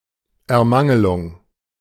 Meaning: only used in in Ermangelung
- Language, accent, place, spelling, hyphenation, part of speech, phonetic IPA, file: German, Germany, Berlin, Ermangelung, Er‧man‧ge‧lung, noun, [ɛɐ̯ˈmaŋəlʊŋ], De-Ermangelung.ogg